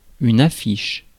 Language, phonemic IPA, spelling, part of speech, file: French, /a.fiʃ/, affiche, noun / verb, Fr-affiche.ogg
- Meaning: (noun) 1. poster 2. placard 3. sign; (verb) inflection of afficher: 1. first/third-person singular present indicative/subjunctive 2. second-person singular imperative